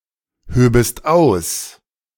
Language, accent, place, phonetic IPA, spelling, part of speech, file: German, Germany, Berlin, [ˌhøːbəst ˈaʊ̯s], höbest aus, verb, De-höbest aus.ogg
- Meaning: second-person singular subjunctive II of ausheben